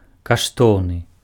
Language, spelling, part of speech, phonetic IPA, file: Belarusian, каштоўны, adjective, [kaʂˈtou̯nɨ], Be-каштоўны.ogg
- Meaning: precious, valuable